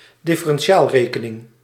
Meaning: differential calculus
- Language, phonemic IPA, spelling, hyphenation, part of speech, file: Dutch, /dɪ.fə.rɛnˈ(t)ʃaːlˌreː.kə.nɪŋ/, differentiaalrekening, dif‧fe‧ren‧ti‧aal‧re‧ke‧ning, noun, Nl-differentiaalrekening.ogg